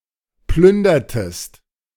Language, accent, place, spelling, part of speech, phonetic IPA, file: German, Germany, Berlin, plündertest, verb, [ˈplʏndɐtəst], De-plündertest.ogg
- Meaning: inflection of plündern: 1. second-person singular preterite 2. second-person singular subjunctive II